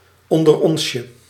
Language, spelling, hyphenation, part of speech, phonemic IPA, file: Dutch, onderonsje, on‧der‧ons‧je, noun, /ˌɔn.dərˈɔns.jə/, Nl-onderonsje.ogg
- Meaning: a meet-up, a get-together, a tête-à-tête, an informal gathering